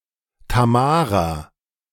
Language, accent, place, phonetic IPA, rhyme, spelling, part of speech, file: German, Germany, Berlin, [taˈmaːʁa], -aːʁa, Tamara, proper noun, De-Tamara.ogg
- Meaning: a female given name